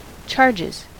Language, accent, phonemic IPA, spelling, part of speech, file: English, US, /ˈt͡ʃɑɹd͡ʒɪz/, charges, noun / verb, En-us-charges.ogg
- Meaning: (noun) plural of charge; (verb) third-person singular simple present indicative of charge